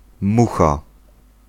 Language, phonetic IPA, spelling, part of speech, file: Polish, [ˈmu.xa], mucha, noun, Pl-mucha.ogg